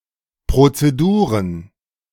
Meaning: plural of Prozedur
- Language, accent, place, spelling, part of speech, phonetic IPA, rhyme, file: German, Germany, Berlin, Prozeduren, noun, [ˌpʁot͡seˈduːʁən], -uːʁən, De-Prozeduren.ogg